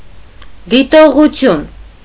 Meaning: 1. observation 2. comment, remark (light critique) 3. disciplinary penalty 4. research, study, survey 5. review, commentary 6. statement, opinion, judgment
- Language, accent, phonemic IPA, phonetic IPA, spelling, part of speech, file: Armenian, Eastern Armenian, /ditoʁuˈtʰjun/, [ditoʁut͡sʰjún], դիտողություն, noun, Hy-դիտողություն.ogg